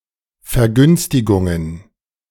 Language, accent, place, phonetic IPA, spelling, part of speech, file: German, Germany, Berlin, [fɛɐ̯ˈɡʏnstɪɡʊŋən], Vergünstigungen, noun, De-Vergünstigungen.ogg
- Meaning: plural of Vergünstigung